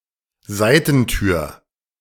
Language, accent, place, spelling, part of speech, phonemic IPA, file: German, Germany, Berlin, Seitentür, noun, /ˈzaɪ̯təntyːɐ̯/, De-Seitentür.ogg
- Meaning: side door